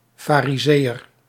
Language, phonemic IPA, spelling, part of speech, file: Dutch, /fariˈzejər/, farizeeër, noun, Nl-farizeeër.ogg
- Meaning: Pharisee